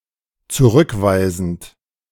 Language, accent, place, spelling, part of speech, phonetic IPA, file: German, Germany, Berlin, zurückweisend, verb, [t͡suˈʁʏkˌvaɪ̯zn̩t], De-zurückweisend.ogg
- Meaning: present participle of zurückweisen